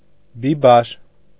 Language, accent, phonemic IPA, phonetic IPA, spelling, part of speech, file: Armenian, Eastern Armenian, /biˈbɑɾ/, [bibɑ́ɾ], բիբար, noun, Hy-բիբար.ogg
- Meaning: 1. pepper (plant of the family Piperaceae) 2. pepper (plant of the genus Capsicum)